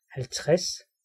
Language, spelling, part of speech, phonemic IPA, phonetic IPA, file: Danish, halvtreds, numeral, /halvˈtres/, [halˈtˢʁ̥æs], Da-halvtreds.ogg
- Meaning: fifty